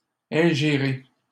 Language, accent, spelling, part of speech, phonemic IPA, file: French, Canada, ingérer, verb, /ɛ̃.ʒe.ʁe/, LL-Q150 (fra)-ingérer.wav
- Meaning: 1. to ingest, to swallow 2. to interfere in, to meddle with